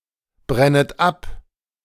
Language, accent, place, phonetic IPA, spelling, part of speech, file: German, Germany, Berlin, [ˌbʁɛnət ˈap], brennet ab, verb, De-brennet ab.ogg
- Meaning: second-person plural subjunctive I of abbrennen